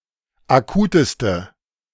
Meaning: inflection of akut: 1. strong/mixed nominative/accusative feminine singular superlative degree 2. strong nominative/accusative plural superlative degree
- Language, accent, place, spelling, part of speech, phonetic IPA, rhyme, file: German, Germany, Berlin, akuteste, adjective, [aˈkuːtəstə], -uːtəstə, De-akuteste.ogg